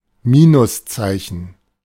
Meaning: minus sign
- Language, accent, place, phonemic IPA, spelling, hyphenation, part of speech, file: German, Germany, Berlin, /ˈmiːnʊsˌtsaɪ̯çən/, Minuszeichen, Mi‧nus‧zei‧chen, noun, De-Minuszeichen.ogg